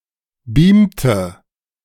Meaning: inflection of beamen: 1. first/third-person singular preterite 2. first/third-person singular subjunctive II
- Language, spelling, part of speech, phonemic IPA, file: German, beamte, verb, /ˈbiːm.tə/, De-beamte.ogg